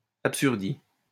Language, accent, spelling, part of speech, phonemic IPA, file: French, France, absurdie, noun, /ap.syʁ.di/, LL-Q150 (fra)-absurdie.wav
- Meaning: Absurdity